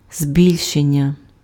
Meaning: 1. magnification 2. augmentation 3. enhancement 4. increase, growth 5. expansion, extension, enlargement
- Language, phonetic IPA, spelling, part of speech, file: Ukrainian, [ˈzʲbʲilʲʃenʲːɐ], збільшення, noun, Uk-збільшення.ogg